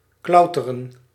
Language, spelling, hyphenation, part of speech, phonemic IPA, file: Dutch, klauteren, klau‧te‧ren, verb, /ˈklɑu̯.tə.rə(n)/, Nl-klauteren.ogg
- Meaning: to climb